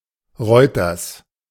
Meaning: genitive of Reuter
- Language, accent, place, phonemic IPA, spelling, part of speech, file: German, Germany, Berlin, /ˈʁɔʏtɐs/, Reuters, proper noun, De-Reuters.ogg